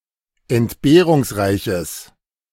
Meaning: strong/mixed nominative/accusative neuter singular of entbehrungsreich
- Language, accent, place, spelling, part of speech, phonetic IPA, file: German, Germany, Berlin, entbehrungsreiches, adjective, [ɛntˈbeːʁʊŋsˌʁaɪ̯çəs], De-entbehrungsreiches.ogg